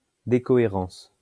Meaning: decoherence
- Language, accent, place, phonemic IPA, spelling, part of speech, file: French, France, Lyon, /de.kɔ.e.ʁɑ̃s/, décohérence, noun, LL-Q150 (fra)-décohérence.wav